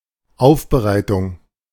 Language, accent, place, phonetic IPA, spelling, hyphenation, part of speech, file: German, Germany, Berlin, [ˈaʊ̯fbəˌʁaɪ̯tʊŋ], Aufbereitung, Auf‧be‧rei‧tung, noun, De-Aufbereitung.ogg
- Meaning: 1. preparation 2. conditioning 3. processing